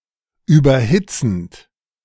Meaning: present participle of überhitzen
- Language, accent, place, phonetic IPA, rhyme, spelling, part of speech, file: German, Germany, Berlin, [ˌyːbɐˈhɪt͡sn̩t], -ɪt͡sn̩t, überhitzend, verb, De-überhitzend.ogg